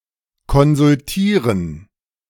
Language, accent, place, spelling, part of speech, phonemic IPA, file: German, Germany, Berlin, konsultieren, verb, /kɔnzʊlˈtiːʁən/, De-konsultieren.ogg
- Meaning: 1. to consult (to seek (professional) advice) 2. to consult (to seek the opinion, to ask) 3. to confer (to have consultatory talks with officials (of other countries))